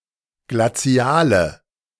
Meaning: inflection of glazial: 1. strong/mixed nominative/accusative feminine singular 2. strong nominative/accusative plural 3. weak nominative all-gender singular 4. weak accusative feminine/neuter singular
- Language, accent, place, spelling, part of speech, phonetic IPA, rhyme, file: German, Germany, Berlin, glaziale, adjective, [ɡlaˈt͡si̯aːlə], -aːlə, De-glaziale.ogg